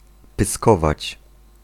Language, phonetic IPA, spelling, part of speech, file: Polish, [pɨˈskɔvat͡ɕ], pyskować, verb, Pl-pyskować.ogg